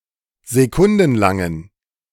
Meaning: inflection of sekundenlang: 1. strong genitive masculine/neuter singular 2. weak/mixed genitive/dative all-gender singular 3. strong/weak/mixed accusative masculine singular 4. strong dative plural
- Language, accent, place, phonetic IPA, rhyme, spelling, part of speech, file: German, Germany, Berlin, [zeˈkʊndn̩ˌlaŋən], -ʊndn̩laŋən, sekundenlangen, adjective, De-sekundenlangen.ogg